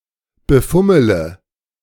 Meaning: inflection of befummeln: 1. first-person singular present 2. first/third-person singular subjunctive I 3. singular imperative
- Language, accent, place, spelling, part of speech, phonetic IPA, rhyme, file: German, Germany, Berlin, befummele, verb, [bəˈfʊmələ], -ʊmələ, De-befummele.ogg